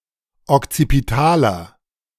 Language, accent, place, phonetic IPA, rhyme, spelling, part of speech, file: German, Germany, Berlin, [ɔkt͡sipiˈtaːlɐ], -aːlɐ, okzipitaler, adjective, De-okzipitaler.ogg
- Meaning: inflection of okzipital: 1. strong/mixed nominative masculine singular 2. strong genitive/dative feminine singular 3. strong genitive plural